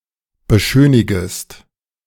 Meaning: second-person singular subjunctive I of beschönigen
- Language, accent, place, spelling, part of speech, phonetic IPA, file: German, Germany, Berlin, beschönigest, verb, [bəˈʃøːnɪɡəst], De-beschönigest.ogg